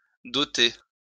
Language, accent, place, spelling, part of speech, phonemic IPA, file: French, France, Lyon, doter, verb, /dɔ.te/, LL-Q150 (fra)-doter.wav
- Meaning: 1. to endow, donate 2. to fund